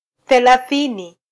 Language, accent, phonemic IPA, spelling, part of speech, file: Swahili, Kenya, /θɛ.lɑˈθi.ni/, thelathini, numeral, Sw-ke-thelathini.flac
- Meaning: thirty